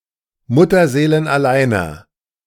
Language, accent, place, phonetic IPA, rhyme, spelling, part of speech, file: German, Germany, Berlin, [ˌmʊtɐzeːlənʔaˈlaɪ̯nɐ], -aɪ̯nɐ, mutterseelenalleiner, adjective, De-mutterseelenalleiner.ogg
- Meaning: inflection of mutterseelenallein: 1. strong/mixed nominative masculine singular 2. strong genitive/dative feminine singular 3. strong genitive plural